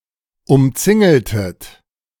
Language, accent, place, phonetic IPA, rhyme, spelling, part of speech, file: German, Germany, Berlin, [ʊmˈt͡sɪŋl̩tət], -ɪŋl̩tət, umzingeltet, verb, De-umzingeltet.ogg
- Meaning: inflection of umzingeln: 1. second-person plural preterite 2. second-person plural subjunctive II